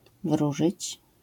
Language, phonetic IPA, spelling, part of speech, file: Polish, [ˈvruʒɨt͡ɕ], wróżyć, verb, LL-Q809 (pol)-wróżyć.wav